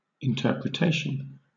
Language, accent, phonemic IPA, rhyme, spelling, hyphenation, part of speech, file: English, Southern England, /ɪnˌtɜːpɹəˈteɪʃən/, -eɪʃən, interpretation, in‧ter‧pre‧ta‧tion, noun, LL-Q1860 (eng)-interpretation.wav
- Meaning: 1. An act of interpreting or explaining something unclear; a translation; a version 2. A sense given by an interpreter; an exposition or explanation given; meaning